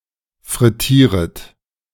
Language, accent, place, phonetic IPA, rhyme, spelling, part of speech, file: German, Germany, Berlin, [fʁɪˈtiːʁət], -iːʁət, frittieret, verb, De-frittieret.ogg
- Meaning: second-person plural subjunctive I of frittieren